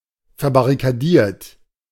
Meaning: 1. past participle of verbarrikadieren 2. inflection of verbarrikadieren: second-person plural present 3. inflection of verbarrikadieren: third-person singular present
- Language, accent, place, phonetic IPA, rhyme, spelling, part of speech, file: German, Germany, Berlin, [fɛɐ̯baʁikaˈdiːɐ̯t], -iːɐ̯t, verbarrikadiert, adjective / verb, De-verbarrikadiert.ogg